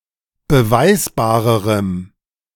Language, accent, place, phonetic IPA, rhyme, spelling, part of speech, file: German, Germany, Berlin, [bəˈvaɪ̯sbaːʁəʁəm], -aɪ̯sbaːʁəʁəm, beweisbarerem, adjective, De-beweisbarerem.ogg
- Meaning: strong dative masculine/neuter singular comparative degree of beweisbar